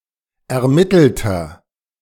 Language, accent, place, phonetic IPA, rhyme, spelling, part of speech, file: German, Germany, Berlin, [ɛɐ̯ˈmɪtl̩tɐ], -ɪtl̩tɐ, ermittelter, adjective, De-ermittelter.ogg
- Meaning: inflection of ermittelt: 1. strong/mixed nominative masculine singular 2. strong genitive/dative feminine singular 3. strong genitive plural